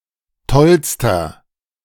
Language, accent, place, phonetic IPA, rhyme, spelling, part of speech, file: German, Germany, Berlin, [ˈtɔlstɐ], -ɔlstɐ, tollster, adjective, De-tollster.ogg
- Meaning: inflection of toll: 1. strong/mixed nominative masculine singular superlative degree 2. strong genitive/dative feminine singular superlative degree 3. strong genitive plural superlative degree